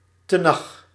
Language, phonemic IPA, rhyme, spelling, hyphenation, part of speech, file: Dutch, /təˈnɑx/, -ɑx, Tenach, Te‧nach, proper noun, Nl-Tenach.ogg
- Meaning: the Tanakh